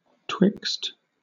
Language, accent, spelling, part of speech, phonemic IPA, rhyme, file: English, Southern England, twixt, preposition, /twɪkst/, -ɪkst, LL-Q1860 (eng)-twixt.wav
- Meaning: Synonym of betwixt (“between”)